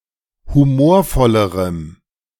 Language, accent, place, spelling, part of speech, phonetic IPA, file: German, Germany, Berlin, humorvollerem, adjective, [huˈmoːɐ̯ˌfɔləʁəm], De-humorvollerem.ogg
- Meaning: strong dative masculine/neuter singular comparative degree of humorvoll